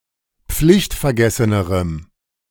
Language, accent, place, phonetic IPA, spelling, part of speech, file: German, Germany, Berlin, [ˈp͡flɪçtfɛɐ̯ˌɡɛsənəʁəm], pflichtvergessenerem, adjective, De-pflichtvergessenerem.ogg
- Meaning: strong dative masculine/neuter singular comparative degree of pflichtvergessen